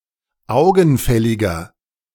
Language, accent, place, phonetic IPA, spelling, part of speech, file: German, Germany, Berlin, [ˈaʊ̯ɡn̩ˌfɛlɪɡɐ], augenfälliger, adjective, De-augenfälliger.ogg
- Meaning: 1. comparative degree of augenfällig 2. inflection of augenfällig: strong/mixed nominative masculine singular 3. inflection of augenfällig: strong genitive/dative feminine singular